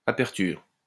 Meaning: opening, openness, aperture
- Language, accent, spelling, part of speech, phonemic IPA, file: French, France, aperture, noun, /a.pɛʁ.tyʁ/, LL-Q150 (fra)-aperture.wav